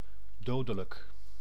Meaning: deadly, lethal, mortal, fatal (causing death)
- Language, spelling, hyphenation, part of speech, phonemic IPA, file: Dutch, dodelijk, do‧de‧lijk, adjective, /ˈdoː.də.lək/, Nl-dodelijk.ogg